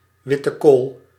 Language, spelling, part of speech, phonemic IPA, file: Dutch, witte kool, noun, /ˌʋɪ.tə ˈkoːl/, Nl-witte kool.ogg
- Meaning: white cabbage